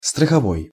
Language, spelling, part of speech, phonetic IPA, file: Russian, страховой, adjective, [strəxɐˈvoj], Ru-страховой.ogg
- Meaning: insurance